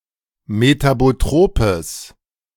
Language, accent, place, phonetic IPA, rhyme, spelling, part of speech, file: German, Germany, Berlin, [metaboˈtʁoːpəs], -oːpəs, metabotropes, adjective, De-metabotropes.ogg
- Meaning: strong/mixed nominative/accusative neuter singular of metabotrop